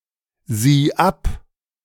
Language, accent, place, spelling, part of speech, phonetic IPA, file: German, Germany, Berlin, sieh ab, verb, [ˌziː ˈap], De-sieh ab.ogg
- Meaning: singular imperative of absehen